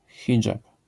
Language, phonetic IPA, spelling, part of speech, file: Polish, [ˈxʲid͡ʒap], hidżab, noun, LL-Q809 (pol)-hidżab.wav